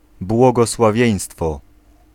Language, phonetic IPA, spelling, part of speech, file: Polish, [ˌbwɔɡɔswaˈvʲjɛ̇̃j̃stfɔ], błogosławieństwo, noun, Pl-błogosławieństwo.ogg